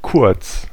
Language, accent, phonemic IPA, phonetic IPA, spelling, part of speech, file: German, Germany, /kʊʁt͡s/, [kʰʊɐ̯t͡s], kurz, adjective / adverb, De-kurz.ogg
- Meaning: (adjective) 1. short, quick, brief 2. short 3. short, concise, succinct (of words or writing) 4. near (being the closest to the shooting position, especially of the goal)